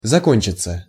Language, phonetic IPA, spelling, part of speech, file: Russian, [zɐˈkonʲt͡ɕɪt͡sə], закончиться, verb, Ru-закончиться.ogg
- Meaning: 1. to finish, to end, to be over 2. passive of зако́нчить (zakónčitʹ)